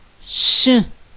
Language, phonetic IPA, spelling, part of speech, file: Adyghe, [ʃə], шы, noun, Ʃə.ogg
- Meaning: 1. horse 2. knight 3. brother